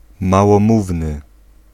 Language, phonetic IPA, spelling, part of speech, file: Polish, [ˌmawɔ̃ˈmuvnɨ], małomówny, adjective, Pl-małomówny.ogg